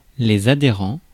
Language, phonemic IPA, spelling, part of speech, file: French, /a.de.ʁɑ̃/, adhérents, adjective / noun, Fr-adhérents.ogg
- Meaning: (adjective) masculine plural of adhérent; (noun) plural of adhérent